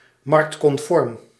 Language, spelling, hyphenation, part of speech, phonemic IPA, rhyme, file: Dutch, marktconform, markt‧con‧form, adjective / adverb, /ˌmɑrkt.kɔnˈfɔrm/, -ɔrm, Nl-marktconform.ogg
- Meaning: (adjective) in accordance with market conventions, using market practices as a yardstick